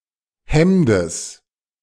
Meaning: genitive singular of Hemd
- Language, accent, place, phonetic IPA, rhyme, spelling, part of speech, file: German, Germany, Berlin, [ˈhɛmdəs], -ɛmdəs, Hemdes, noun, De-Hemdes.ogg